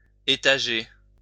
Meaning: 1. to layer, to set one above the other 2. to set in progressive installments
- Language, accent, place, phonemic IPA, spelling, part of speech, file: French, France, Lyon, /e.ta.ʒe/, étager, verb, LL-Q150 (fra)-étager.wav